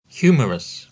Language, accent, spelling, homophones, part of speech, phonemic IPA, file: English, UK, humorous, humerus, adjective, /ˈhjuːməɹəs/, En-uk-humorous.ogg
- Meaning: 1. Full of humor or arousing laughter; funny 2. Showing humor; witty, jocular 3. Damp or watery 4. Dependent on or caused by one's humour or mood; capricious, whimsical